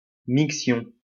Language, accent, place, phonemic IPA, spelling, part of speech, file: French, France, Lyon, /mik.sjɔ̃/, miction, noun, LL-Q150 (fra)-miction.wav
- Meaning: urination